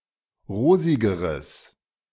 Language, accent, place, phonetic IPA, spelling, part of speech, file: German, Germany, Berlin, [ˈʁoːzɪɡəʁəs], rosigeres, adjective, De-rosigeres.ogg
- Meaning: strong/mixed nominative/accusative neuter singular comparative degree of rosig